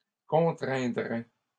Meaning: third-person singular conditional of contraindre
- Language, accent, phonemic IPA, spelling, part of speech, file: French, Canada, /kɔ̃.tʁɛ̃.dʁɛ/, contraindrait, verb, LL-Q150 (fra)-contraindrait.wav